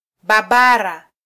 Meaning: tiger
- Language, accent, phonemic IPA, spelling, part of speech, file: Swahili, Kenya, /ˈɓɑ.ɓɑ.ɾɑ/, babara, noun, Sw-ke-babara.flac